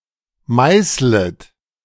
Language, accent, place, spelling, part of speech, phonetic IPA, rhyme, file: German, Germany, Berlin, meißlet, verb, [ˈmaɪ̯slət], -aɪ̯slət, De-meißlet.ogg
- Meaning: second-person plural subjunctive I of meißeln